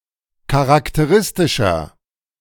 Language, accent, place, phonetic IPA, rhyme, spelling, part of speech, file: German, Germany, Berlin, [kaʁaktəˈʁɪstɪʃɐ], -ɪstɪʃɐ, charakteristischer, adjective, De-charakteristischer.ogg
- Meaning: 1. comparative degree of charakteristisch 2. inflection of charakteristisch: strong/mixed nominative masculine singular 3. inflection of charakteristisch: strong genitive/dative feminine singular